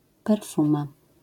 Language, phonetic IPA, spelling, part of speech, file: Polish, [pɛrˈfũma], perfuma, noun, LL-Q809 (pol)-perfuma.wav